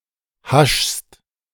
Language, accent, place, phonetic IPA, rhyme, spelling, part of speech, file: German, Germany, Berlin, [haʃst], -aʃst, haschst, verb, De-haschst.ogg
- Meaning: second-person singular present of haschen